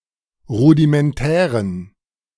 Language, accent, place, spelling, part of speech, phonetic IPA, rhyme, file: German, Germany, Berlin, rudimentären, adjective, [ˌʁudimɛnˈtɛːʁən], -ɛːʁən, De-rudimentären.ogg
- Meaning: inflection of rudimentär: 1. strong genitive masculine/neuter singular 2. weak/mixed genitive/dative all-gender singular 3. strong/weak/mixed accusative masculine singular 4. strong dative plural